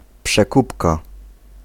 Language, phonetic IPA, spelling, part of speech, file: Polish, [pʃɛˈkupka], przekupka, noun, Pl-przekupka.ogg